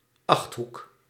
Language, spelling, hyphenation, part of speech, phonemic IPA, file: Dutch, achthoek, acht‧hoek, noun, /ˈɑxt.ɦuk/, Nl-achthoek.ogg
- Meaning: octagon